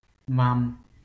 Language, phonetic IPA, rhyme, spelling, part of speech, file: Bulgarian, [vam], -am, вам, pronoun, Bg-вам.ogg
- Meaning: full form of the second-person plural pronoun in the dative case, used as the indirect object of a verb; to you, for you, you